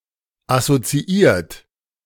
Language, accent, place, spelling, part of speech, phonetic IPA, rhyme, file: German, Germany, Berlin, assoziiert, verb, [asot͡siˈiːɐ̯t], -iːɐ̯t, De-assoziiert.ogg
- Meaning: past participle of assoziieren - associated, allied